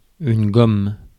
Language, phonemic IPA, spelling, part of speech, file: French, /ɡɔm/, gomme, noun / verb, Fr-gomme.ogg
- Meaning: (noun) 1. gum (adhesive on an envelope) 2. rubber: natural rubber 3. rubber: synthetic rubber 4. rubber: eraser, rubber 5. rubber: tire rubber, tyre compound, vulcanized rubber 6. gum, chewing gum